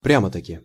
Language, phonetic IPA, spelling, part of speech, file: Russian, [ˈprʲamə təkʲɪ], прямо-таки, adverb, Ru-прямо-таки.ogg
- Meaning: really, actually